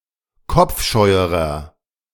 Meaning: inflection of kopfscheu: 1. strong/mixed nominative masculine singular comparative degree 2. strong genitive/dative feminine singular comparative degree 3. strong genitive plural comparative degree
- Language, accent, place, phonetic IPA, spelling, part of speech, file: German, Germany, Berlin, [ˈkɔp͡fˌʃɔɪ̯əʁɐ], kopfscheuerer, adjective, De-kopfscheuerer.ogg